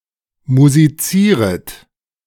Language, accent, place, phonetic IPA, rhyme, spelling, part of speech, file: German, Germany, Berlin, [muziˈt͡siːʁət], -iːʁət, musizieret, verb, De-musizieret.ogg
- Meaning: second-person plural subjunctive I of musizieren